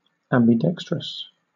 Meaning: 1. Having equal or comparable ability in both hands; in particular, able to write well with both hands 2. Equally usable by left-handed and right-handed people (as a tool or instrument)
- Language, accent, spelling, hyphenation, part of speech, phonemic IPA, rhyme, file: English, Southern England, ambidextrous, am‧bi‧dex‧trous, adjective, /ˌæm.biˈdɛk.stɹəs/, -ɛkstɹəs, LL-Q1860 (eng)-ambidextrous.wav